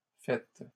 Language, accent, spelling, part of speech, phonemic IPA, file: French, Canada, faite, verb, /fɛt/, LL-Q150 (fra)-faite.wav
- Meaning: feminine singular of fait